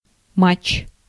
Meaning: match
- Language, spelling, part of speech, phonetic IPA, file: Russian, матч, noun, [mat͡ɕ(ː)], Ru-матч.ogg